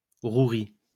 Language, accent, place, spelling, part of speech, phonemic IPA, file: French, France, Lyon, rouerie, noun, /ʁu.ʁi/, LL-Q150 (fra)-rouerie.wav
- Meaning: trickery, guile, cunning